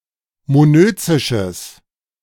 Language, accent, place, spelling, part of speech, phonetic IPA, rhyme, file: German, Germany, Berlin, monözisches, adjective, [moˈnøːt͡sɪʃəs], -øːt͡sɪʃəs, De-monözisches.ogg
- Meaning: strong/mixed nominative/accusative neuter singular of monözisch